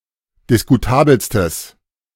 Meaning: strong/mixed nominative/accusative neuter singular superlative degree of diskutabel
- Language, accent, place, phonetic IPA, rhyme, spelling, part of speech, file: German, Germany, Berlin, [dɪskuˈtaːbl̩stəs], -aːbl̩stəs, diskutabelstes, adjective, De-diskutabelstes.ogg